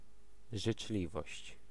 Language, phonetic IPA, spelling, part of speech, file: Polish, [ʒɨt͡ʃˈlʲivɔɕt͡ɕ], życzliwość, noun, Pl-życzliwość.ogg